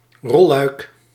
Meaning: roller shutter
- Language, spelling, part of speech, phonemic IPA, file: Dutch, rolluik, noun, /ˈrɔl.lœy̯k/, Nl-rolluik.ogg